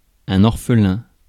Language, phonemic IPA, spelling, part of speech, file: French, /ɔʁ.fə.lɛ̃/, orphelin, noun / adjective, Fr-orphelin.ogg
- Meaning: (noun) orphan; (adjective) orphaned